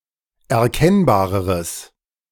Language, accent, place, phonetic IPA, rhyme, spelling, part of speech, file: German, Germany, Berlin, [ɛɐ̯ˈkɛnbaːʁəʁəs], -ɛnbaːʁəʁəs, erkennbareres, adjective, De-erkennbareres.ogg
- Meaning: strong/mixed nominative/accusative neuter singular comparative degree of erkennbar